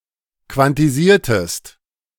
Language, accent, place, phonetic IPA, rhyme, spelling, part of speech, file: German, Germany, Berlin, [kvantiˈziːɐ̯təst], -iːɐ̯təst, quantisiertest, verb, De-quantisiertest.ogg
- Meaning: inflection of quantisieren: 1. second-person singular preterite 2. second-person singular subjunctive II